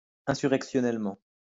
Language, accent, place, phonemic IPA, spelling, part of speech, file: French, France, Lyon, /ɛ̃.sy.ʁɛk.sjɔ.nɛl.mɑ̃/, insurrectionnellement, adverb, LL-Q150 (fra)-insurrectionnellement.wav
- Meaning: insurrectionally